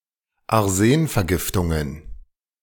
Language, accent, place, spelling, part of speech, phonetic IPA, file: German, Germany, Berlin, Arsenvergiftungen, noun, [aʁˈzeːnfɛɐ̯ˌɡɪftʊŋən], De-Arsenvergiftungen.ogg
- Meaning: plural of Arsenvergiftung